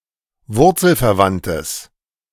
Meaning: strong/mixed nominative/accusative neuter singular of wurzelverwandt
- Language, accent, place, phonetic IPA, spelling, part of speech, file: German, Germany, Berlin, [ˈvʊʁt͡sl̩fɛɐ̯ˌvantəs], wurzelverwandtes, adjective, De-wurzelverwandtes.ogg